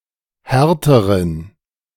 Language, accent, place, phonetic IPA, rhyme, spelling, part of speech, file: German, Germany, Berlin, [ˈhɛʁtəʁən], -ɛʁtəʁən, härteren, adjective, De-härteren.ogg
- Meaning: inflection of hart: 1. strong genitive masculine/neuter singular comparative degree 2. weak/mixed genitive/dative all-gender singular comparative degree